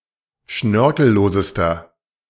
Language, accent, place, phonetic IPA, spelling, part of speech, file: German, Germany, Berlin, [ˈʃnœʁkl̩ˌloːzəstɐ], schnörkellosester, adjective, De-schnörkellosester.ogg
- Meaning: inflection of schnörkellos: 1. strong/mixed nominative masculine singular superlative degree 2. strong genitive/dative feminine singular superlative degree 3. strong genitive plural superlative degree